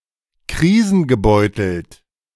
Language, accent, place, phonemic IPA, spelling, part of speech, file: German, Germany, Berlin, /ˈkʁiːzn̩ɡəˌbɔɪ̯tl̩t/, krisengebeutelt, adjective, De-krisengebeutelt.ogg
- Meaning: crisis-ridden